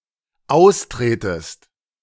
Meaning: second-person singular dependent subjunctive I of austreten
- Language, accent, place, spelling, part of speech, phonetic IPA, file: German, Germany, Berlin, austretest, verb, [ˈaʊ̯sˌtʁeːtəst], De-austretest.ogg